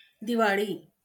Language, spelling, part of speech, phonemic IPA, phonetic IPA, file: Marathi, दिवाळी, noun, /d̪i.ʋa.ɭ̆i/, [d̪i.ʋa.ɭ̆iː], LL-Q1571 (mar)-दिवाळी.wav
- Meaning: Diwali (festival of lights)